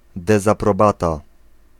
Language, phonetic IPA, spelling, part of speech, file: Polish, [ˌdɛzaprɔˈbata], dezaprobata, noun, Pl-dezaprobata.ogg